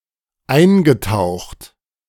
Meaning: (verb) past participle of eintauchen; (adjective) 1. immersed, dipped 2. submerged
- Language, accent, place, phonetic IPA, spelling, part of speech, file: German, Germany, Berlin, [ˈaɪ̯nɡəˌtaʊ̯xt], eingetaucht, verb, De-eingetaucht.ogg